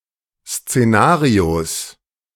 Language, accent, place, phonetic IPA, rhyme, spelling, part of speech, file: German, Germany, Berlin, [st͡seˈnaːʁios], -aːʁios, Szenarios, noun, De-Szenarios.ogg
- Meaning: genitive singular of Szenario